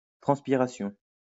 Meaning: transpiration (process of giving off water vapour through the skin or mucous membranes)
- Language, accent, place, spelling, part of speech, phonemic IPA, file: French, France, Lyon, transpiration, noun, /tʁɑ̃s.pi.ʁa.sjɔ̃/, LL-Q150 (fra)-transpiration.wav